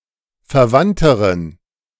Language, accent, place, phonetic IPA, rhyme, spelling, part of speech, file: German, Germany, Berlin, [fɛɐ̯ˈvantəʁən], -antəʁən, verwandteren, adjective, De-verwandteren.ogg
- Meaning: inflection of verwandt: 1. strong genitive masculine/neuter singular comparative degree 2. weak/mixed genitive/dative all-gender singular comparative degree